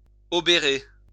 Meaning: 1. to be a burden on 2. to be a threat to
- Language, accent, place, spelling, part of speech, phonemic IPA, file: French, France, Lyon, obérer, verb, /ɔ.be.ʁe/, LL-Q150 (fra)-obérer.wav